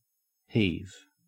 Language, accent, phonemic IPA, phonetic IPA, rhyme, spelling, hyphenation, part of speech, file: English, Australia, /ˈhiːv/, [ˈhɪi̯v], -iːv, heave, heave, verb / noun, En-au-heave.ogg
- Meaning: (verb) 1. To lift with difficulty; to raise with some effort; to lift (a heavy thing) 2. To throw, cast 3. To rise and fall 4. To utter with effort 5. To pull up with a rope or cable